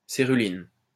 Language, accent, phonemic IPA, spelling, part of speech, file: French, France, /se.ʁy.lin/, céruline, noun, LL-Q150 (fra)-céruline.wav
- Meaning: cerulein